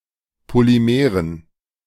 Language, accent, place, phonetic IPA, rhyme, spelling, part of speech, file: German, Germany, Berlin, [poliˈmeːʁən], -eːʁən, Polymeren, noun, De-Polymeren.ogg
- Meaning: dative plural of Polymer